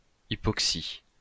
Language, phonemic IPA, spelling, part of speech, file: French, /i.pɔk.si/, hypoxie, noun, LL-Q150 (fra)-hypoxie.wav
- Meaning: hypoxia (condition in which tissues are deprived of oxygen)